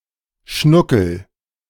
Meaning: darling, sweetheart, baby
- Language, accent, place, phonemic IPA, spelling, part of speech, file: German, Germany, Berlin, /ˈʃnʊkəl/, Schnuckel, noun, De-Schnuckel.ogg